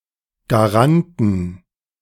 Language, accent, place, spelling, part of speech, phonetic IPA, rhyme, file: German, Germany, Berlin, Garanten, noun, [ɡaˈʁantn̩], -antn̩, De-Garanten.ogg
- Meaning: 1. genitive singular of Garant 2. plural of Garant